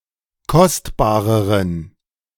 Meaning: inflection of kostbar: 1. strong genitive masculine/neuter singular comparative degree 2. weak/mixed genitive/dative all-gender singular comparative degree
- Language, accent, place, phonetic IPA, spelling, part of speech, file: German, Germany, Berlin, [ˈkɔstbaːʁəʁən], kostbareren, adjective, De-kostbareren.ogg